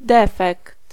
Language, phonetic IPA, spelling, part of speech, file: Polish, [ˈdɛfɛkt], defekt, noun, Pl-defekt.ogg